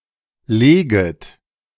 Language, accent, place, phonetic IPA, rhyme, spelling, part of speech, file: German, Germany, Berlin, [ˈleːɡət], -eːɡət, leget, verb, De-leget.ogg
- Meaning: second-person plural subjunctive I of legen